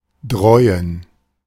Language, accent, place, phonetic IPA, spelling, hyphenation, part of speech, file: German, Germany, Berlin, [ˈdʁɔɪ̯ən], dräuen, dräu‧en, verb, De-dräuen.ogg
- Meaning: archaic form of drohen